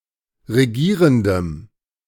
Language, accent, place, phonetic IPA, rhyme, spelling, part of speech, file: German, Germany, Berlin, [ʁeˈɡiːʁəndəm], -iːʁəndəm, regierendem, adjective, De-regierendem.ogg
- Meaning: strong dative masculine/neuter singular of regierend